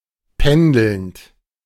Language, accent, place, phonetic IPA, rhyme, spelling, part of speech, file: German, Germany, Berlin, [ˈpɛndl̩nt], -ɛndl̩nt, pendelnd, verb, De-pendelnd.ogg
- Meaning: present participle of pendeln